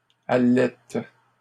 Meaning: third-person plural present indicative/subjunctive of allaiter
- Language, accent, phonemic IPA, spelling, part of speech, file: French, Canada, /a.lɛt/, allaitent, verb, LL-Q150 (fra)-allaitent.wav